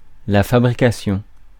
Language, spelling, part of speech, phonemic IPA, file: French, fabrication, noun, /fa.bʁi.ka.sjɔ̃/, Fr-fabrication.ogg
- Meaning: 1. manufacture, manufacturing 2. fabrication 3. production